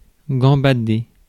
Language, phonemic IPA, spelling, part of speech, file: French, /ɡɑ̃.ba.de/, gambader, verb, Fr-gambader.ogg
- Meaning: to frolic, gambol, caper